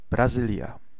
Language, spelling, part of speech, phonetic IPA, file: Polish, Brazylia, proper noun, [braˈzɨlʲja], Pl-Brazylia.ogg